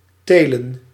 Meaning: 1. to cultivate, to grow plants, notably crops 2. to raise, to breed animals or (figurative, notably a type of) men
- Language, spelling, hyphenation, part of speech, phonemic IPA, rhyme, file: Dutch, telen, te‧len, verb, /ˈteː.lən/, -eːlən, Nl-telen.ogg